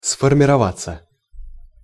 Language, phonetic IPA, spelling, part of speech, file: Russian, [sfərmʲɪrɐˈvat͡sːə], сформироваться, verb, Ru-сформироваться.ogg
- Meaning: passive of сформирова́ть (sformirovátʹ)